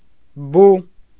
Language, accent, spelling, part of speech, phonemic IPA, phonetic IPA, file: Armenian, Eastern Armenian, բու, noun, /bu/, [bu], Hy-բու.ogg
- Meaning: owl